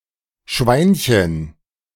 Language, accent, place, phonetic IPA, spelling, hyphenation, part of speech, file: German, Germany, Berlin, [ˈʃvaɪ̯nçən], Schweinchen, Schwein‧chen, noun, De-Schweinchen.ogg
- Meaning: 1. diminutive of Schwein, piggy 2. jack-ball